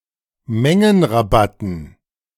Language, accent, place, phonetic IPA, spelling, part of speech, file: German, Germany, Berlin, [ˈmɛŋənʁaˌbatn̩], Mengenrabatten, noun, De-Mengenrabatten.ogg
- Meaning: dative plural of Mengenrabatt